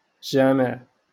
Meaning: mosque
- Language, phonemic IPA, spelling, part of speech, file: Moroccan Arabic, /ʒaː.miʕ/, جامع, noun, LL-Q56426 (ary)-جامع.wav